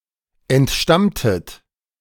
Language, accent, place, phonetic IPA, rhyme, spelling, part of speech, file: German, Germany, Berlin, [ɛntˈʃtamtət], -amtət, entstammtet, verb, De-entstammtet.ogg
- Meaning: inflection of entstammen: 1. second-person plural preterite 2. second-person plural subjunctive II